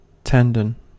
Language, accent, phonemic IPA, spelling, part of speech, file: English, US, /ˈtɛn.dən/, tendon, noun, En-us-tendon.ogg
- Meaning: 1. A tough band of flexible but inelastic fibrous collagen tissue that connects a muscle with its bony attachment and transmits the force which the muscle exerts 2. The hamstring of a quadruped